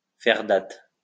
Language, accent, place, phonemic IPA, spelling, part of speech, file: French, France, Lyon, /fɛʁ dat/, faire date, verb, LL-Q150 (fra)-faire date.wav
- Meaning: to make history, to go down in history, to become a historical milestone, to set a precedent